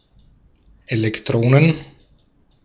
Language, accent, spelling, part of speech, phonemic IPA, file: German, Austria, Elektronen, noun, /elɛkˈtʁoːnən/, De-at-Elektronen.ogg
- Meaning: plural of Elektron